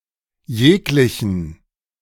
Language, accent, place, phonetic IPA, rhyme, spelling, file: German, Germany, Berlin, [ˈjeːklɪçn̩], -eːklɪçn̩, jeglichen, De-jeglichen.ogg
- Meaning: inflection of jeglicher: 1. strong/mixed accusative masculine singular 2. mixed genitive/dative all-gender singular